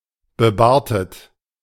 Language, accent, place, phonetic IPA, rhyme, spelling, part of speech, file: German, Germany, Berlin, [bəˈbaːɐ̯tət], -aːɐ̯tət, bebartet, adjective, De-bebartet.ogg
- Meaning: bearded (wearing a beard)